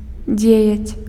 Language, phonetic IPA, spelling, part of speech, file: Belarusian, [ˈd͡zʲejat͡sʲ], дзеяць, verb, Be-дзеяць.ogg
- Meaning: 1. to do, to accomplish 2. to function